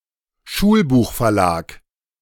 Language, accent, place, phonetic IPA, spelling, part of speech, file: German, Germany, Berlin, [ˈʃuːlbuːxfɛɐ̯ˌlaːk], Schulbuchverlag, noun, De-Schulbuchverlag.ogg
- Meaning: textbook publisher